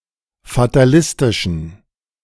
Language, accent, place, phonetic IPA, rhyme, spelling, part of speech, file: German, Germany, Berlin, [fataˈlɪstɪʃn̩], -ɪstɪʃn̩, fatalistischen, adjective, De-fatalistischen.ogg
- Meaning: inflection of fatalistisch: 1. strong genitive masculine/neuter singular 2. weak/mixed genitive/dative all-gender singular 3. strong/weak/mixed accusative masculine singular 4. strong dative plural